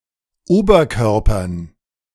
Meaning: dative plural of Oberkörper
- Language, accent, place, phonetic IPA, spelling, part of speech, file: German, Germany, Berlin, [ˈoːbɐˌkœʁpɐn], Oberkörpern, noun, De-Oberkörpern.ogg